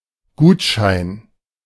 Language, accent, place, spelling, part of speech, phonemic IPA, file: German, Germany, Berlin, Gutschein, noun, /ˈɡuːt.ʃaɪ̯n/, De-Gutschein.ogg
- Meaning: something that attests (monetary) value, particularly a voucher, gift certificate, coupon, or rain check